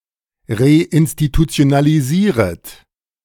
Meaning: second-person plural subjunctive I of reinstitutionalisieren
- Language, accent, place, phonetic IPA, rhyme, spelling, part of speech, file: German, Germany, Berlin, [ʁeʔɪnstitut͡si̯onaliˈziːʁət], -iːʁət, reinstitutionalisieret, verb, De-reinstitutionalisieret.ogg